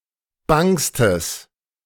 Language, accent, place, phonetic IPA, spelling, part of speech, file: German, Germany, Berlin, [ˈbaŋstəs], bangstes, adjective, De-bangstes.ogg
- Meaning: strong/mixed nominative/accusative neuter singular superlative degree of bang